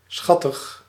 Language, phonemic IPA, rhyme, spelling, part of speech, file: Dutch, /ˈsxɑ.təx/, -ɑtəx, schattig, adjective, Nl-schattig.ogg
- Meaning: cute, adorable